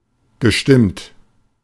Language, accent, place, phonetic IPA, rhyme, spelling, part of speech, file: German, Germany, Berlin, [ɡəˈʃtɪmt], -ɪmt, gestimmt, verb, De-gestimmt.ogg
- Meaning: past participle of stimmen